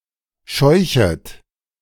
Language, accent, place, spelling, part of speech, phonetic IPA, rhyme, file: German, Germany, Berlin, scheuchet, verb, [ˈʃɔɪ̯çət], -ɔɪ̯çət, De-scheuchet.ogg
- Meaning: second-person plural subjunctive I of scheuchen